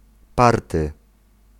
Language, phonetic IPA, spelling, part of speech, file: Polish, [ˈpartɨ], party, noun, Pl-party.ogg